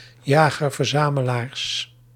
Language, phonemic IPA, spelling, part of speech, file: Dutch, /ˌjaɣərvərˈzaməlars/, jager-verzamelaars, noun, Nl-jager-verzamelaars.ogg
- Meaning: plural of jager-verzamelaar